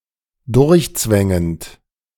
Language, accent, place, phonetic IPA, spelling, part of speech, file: German, Germany, Berlin, [ˈdʊʁçˌt͡svɛŋənt], durchzwängend, verb, De-durchzwängend.ogg
- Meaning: present participle of durchzwängen